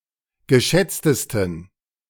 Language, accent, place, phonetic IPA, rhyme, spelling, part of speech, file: German, Germany, Berlin, [ɡəˈʃɛt͡stəstn̩], -ɛt͡stəstn̩, geschätztesten, adjective, De-geschätztesten.ogg
- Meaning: 1. superlative degree of geschätzt 2. inflection of geschätzt: strong genitive masculine/neuter singular superlative degree